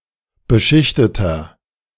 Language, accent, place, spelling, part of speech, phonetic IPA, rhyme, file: German, Germany, Berlin, beschichteter, adjective, [bəˈʃɪçtətɐ], -ɪçtətɐ, De-beschichteter.ogg
- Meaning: inflection of beschichtet: 1. strong/mixed nominative masculine singular 2. strong genitive/dative feminine singular 3. strong genitive plural